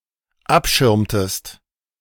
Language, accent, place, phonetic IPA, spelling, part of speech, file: German, Germany, Berlin, [ˈapˌʃɪʁmtəst], abschirmtest, verb, De-abschirmtest.ogg
- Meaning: inflection of abschirmen: 1. second-person singular dependent preterite 2. second-person singular dependent subjunctive II